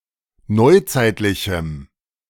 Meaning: strong dative masculine/neuter singular of neuzeitlich
- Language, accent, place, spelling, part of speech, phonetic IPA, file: German, Germany, Berlin, neuzeitlichem, adjective, [ˈnɔɪ̯ˌt͡saɪ̯tlɪçm̩], De-neuzeitlichem.ogg